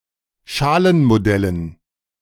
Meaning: dative plural of Schalenmodell
- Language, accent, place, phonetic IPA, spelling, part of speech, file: German, Germany, Berlin, [ˈʃaːlənmoˌdɛlən], Schalenmodellen, noun, De-Schalenmodellen.ogg